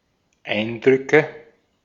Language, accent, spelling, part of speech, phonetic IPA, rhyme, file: German, Austria, Eindrücke, noun, [ˈaɪ̯ndʁʏkə], -aɪ̯ndʁʏkə, De-at-Eindrücke.ogg
- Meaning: nominative/accusative/genitive plural of Eindruck